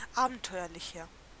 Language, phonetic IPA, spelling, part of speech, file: German, [ˈaːbn̩ˌtɔɪ̯ɐlɪçɐ], abenteuerlicher, adjective, De-abenteuerlicher.ogg
- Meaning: inflection of abenteuerlich: 1. strong/mixed nominative masculine singular 2. strong genitive/dative feminine singular 3. strong genitive plural